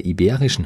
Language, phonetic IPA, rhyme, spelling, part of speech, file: German, [iˈbeːʁɪʃn̩], -eːʁɪʃn̩, iberischen, adjective, De-iberischen.ogg
- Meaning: inflection of iberisch: 1. strong genitive masculine/neuter singular 2. weak/mixed genitive/dative all-gender singular 3. strong/weak/mixed accusative masculine singular 4. strong dative plural